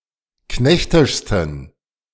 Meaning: 1. superlative degree of knechtisch 2. inflection of knechtisch: strong genitive masculine/neuter singular superlative degree
- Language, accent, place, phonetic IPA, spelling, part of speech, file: German, Germany, Berlin, [ˈknɛçtɪʃstn̩], knechtischsten, adjective, De-knechtischsten.ogg